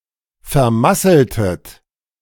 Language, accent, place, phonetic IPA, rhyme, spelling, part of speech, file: German, Germany, Berlin, [fɛɐ̯ˈmasl̩tət], -asl̩tət, vermasseltet, verb, De-vermasseltet.ogg
- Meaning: inflection of vermasseln: 1. second-person plural preterite 2. second-person plural subjunctive II